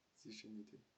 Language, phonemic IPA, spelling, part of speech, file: French, /zi.ʒe.ni.de/, zygénidé, noun, FR-zygénidé.ogg
- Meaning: zygenid